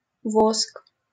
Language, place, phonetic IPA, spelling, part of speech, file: Russian, Saint Petersburg, [vosk], воск, noun, LL-Q7737 (rus)-воск.wav
- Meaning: wax